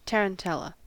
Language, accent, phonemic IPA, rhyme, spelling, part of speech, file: English, US, /ˌtɛɹənˈtɛlə/, -ɛlə, tarantella, noun, En-us-tarantella.ogg
- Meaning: A rapid dance in 6/8 time, originating in Italy, or a piece of music for such a dance